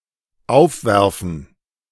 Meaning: 1. to raise (i.e. questions, concerns) 2. to throw (upwards)
- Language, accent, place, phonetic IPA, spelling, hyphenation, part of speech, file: German, Germany, Berlin, [ˈaʊ̯fˌvɛʁfn̩], aufwerfen, auf‧wer‧fen, verb, De-aufwerfen.ogg